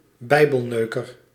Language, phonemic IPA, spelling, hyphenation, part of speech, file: Dutch, /ˈbɛi̯.bəlˌnøː.kər/, bijbelneuker, bij‧bel‧neu‧ker, noun, Nl-bijbelneuker.ogg
- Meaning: Bible thumper